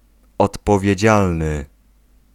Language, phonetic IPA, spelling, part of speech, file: Polish, [ˌɔtpɔvʲjɛ̇ˈd͡ʑalnɨ], odpowiedzialny, adjective / noun, Pl-odpowiedzialny.ogg